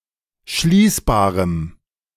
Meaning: strong dative masculine/neuter singular of schließbar
- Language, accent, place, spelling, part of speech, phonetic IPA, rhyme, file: German, Germany, Berlin, schließbarem, adjective, [ˈʃliːsbaːʁəm], -iːsbaːʁəm, De-schließbarem.ogg